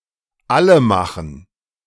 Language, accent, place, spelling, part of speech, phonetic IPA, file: German, Germany, Berlin, allemachen, verb, [ˈaləˌmaxn̩], De-allemachen.ogg
- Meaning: to kill